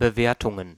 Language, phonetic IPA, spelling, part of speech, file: German, [bəˈveːɐ̯tʊŋən], Bewertungen, noun, De-Bewertungen.ogg
- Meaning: plural of Bewertung